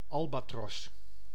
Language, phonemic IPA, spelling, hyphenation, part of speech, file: Dutch, /ˈɑl.baːˌtrɔs/, albatros, al‧ba‧tros, noun, Nl-albatros.ogg
- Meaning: albatross, seabird of the family Diomedeidae